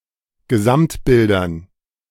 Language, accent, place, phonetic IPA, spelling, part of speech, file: German, Germany, Berlin, [ɡəˈzamtˌbɪldɐn], Gesamtbildern, noun, De-Gesamtbildern.ogg
- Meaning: dative plural of Gesamtbild